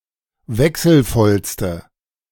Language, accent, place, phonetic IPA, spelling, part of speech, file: German, Germany, Berlin, [ˈvɛksl̩ˌfɔlstə], wechselvollste, adjective, De-wechselvollste.ogg
- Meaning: inflection of wechselvoll: 1. strong/mixed nominative/accusative feminine singular superlative degree 2. strong nominative/accusative plural superlative degree